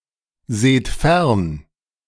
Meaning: inflection of fernsehen: 1. second-person plural present 2. plural imperative
- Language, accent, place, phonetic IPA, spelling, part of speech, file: German, Germany, Berlin, [ˌzeːt ˈfɛʁn], seht fern, verb, De-seht fern.ogg